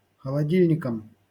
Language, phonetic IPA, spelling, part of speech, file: Russian, [xəɫɐˈdʲilʲnʲɪkəm], холодильником, noun, LL-Q7737 (rus)-холодильником.wav
- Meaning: instrumental singular of холоди́льник (xolodílʹnik)